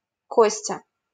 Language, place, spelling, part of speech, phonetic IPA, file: Russian, Saint Petersburg, Костя, proper noun, [ˈkosʲtʲə], LL-Q7737 (rus)-Костя.wav
- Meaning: a diminutive, Kostya, of the male given names Константи́н (Konstantín) and Костянти́н (Kostjantín)